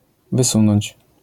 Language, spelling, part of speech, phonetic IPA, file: Polish, wysunąć, verb, [vɨˈsũnɔ̃ɲt͡ɕ], LL-Q809 (pol)-wysunąć.wav